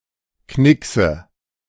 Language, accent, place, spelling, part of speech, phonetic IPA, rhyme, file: German, Germany, Berlin, Knickse, noun, [ˈknɪksə], -ɪksə, De-Knickse.ogg
- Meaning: nominative/accusative/genitive plural of Knicks